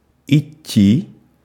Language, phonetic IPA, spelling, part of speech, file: Russian, [ɪˈtʲːi], идти, verb, Ru-идти.ogg
- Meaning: 1. to go 2. to walk 3. to fall 4. to function, to work (of clocks and watches) 5. to suit, to become (of wearing clothes)